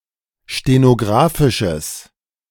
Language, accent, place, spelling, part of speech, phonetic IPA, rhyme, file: German, Germany, Berlin, stenographisches, adjective, [ʃtenoˈɡʁaːfɪʃəs], -aːfɪʃəs, De-stenographisches.ogg
- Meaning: strong/mixed nominative/accusative neuter singular of stenographisch